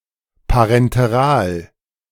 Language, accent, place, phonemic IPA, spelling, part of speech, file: German, Germany, Berlin, /paʁɛnteˈʁaːl/, parenteral, adjective, De-parenteral.ogg
- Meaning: parenteral